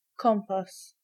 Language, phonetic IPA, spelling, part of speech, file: Polish, [ˈkɔ̃mpas], kompas, noun, Pl-kompas.ogg